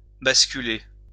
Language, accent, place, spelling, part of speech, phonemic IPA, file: French, France, Lyon, basculer, verb, /bas.ky.le/, LL-Q150 (fra)-basculer.wav
- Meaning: 1. to topple, to tip over 2. to sway from side to side 3. to fall apart, to turn upside down 4. to transfer (e.g. a call) 5. to tip over, to tip up 6. to fail over